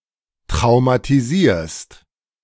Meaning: second-person singular present of traumatisieren
- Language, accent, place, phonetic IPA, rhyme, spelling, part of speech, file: German, Germany, Berlin, [tʁaʊ̯matiˈziːɐ̯st], -iːɐ̯st, traumatisierst, verb, De-traumatisierst.ogg